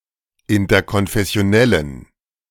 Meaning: inflection of interkonfessionell: 1. strong genitive masculine/neuter singular 2. weak/mixed genitive/dative all-gender singular 3. strong/weak/mixed accusative masculine singular
- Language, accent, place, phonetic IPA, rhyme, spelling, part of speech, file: German, Germany, Berlin, [ɪntɐkɔnfɛsi̯oˈnɛlən], -ɛlən, interkonfessionellen, adjective, De-interkonfessionellen.ogg